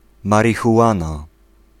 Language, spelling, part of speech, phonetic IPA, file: Polish, marihuana, noun, [ˌmarʲixuˈʷãna], Pl-marihuana.ogg